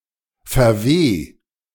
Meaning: 1. singular imperative of verwehen 2. first-person singular present of verwehen
- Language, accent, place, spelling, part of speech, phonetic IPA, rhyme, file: German, Germany, Berlin, verweh, verb, [fɛɐ̯ˈveː], -eː, De-verweh.ogg